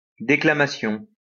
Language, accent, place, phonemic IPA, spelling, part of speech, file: French, France, Lyon, /de.kla.ma.sjɔ̃/, déclamation, noun, LL-Q150 (fra)-déclamation.wav
- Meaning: 1. declamation 2. ranting